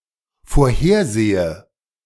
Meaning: inflection of vorhersehen: 1. first-person singular dependent present 2. first/third-person singular dependent subjunctive I
- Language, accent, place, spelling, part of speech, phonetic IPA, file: German, Germany, Berlin, vorhersehe, verb, [foːɐ̯ˈheːɐ̯ˌzeːə], De-vorhersehe.ogg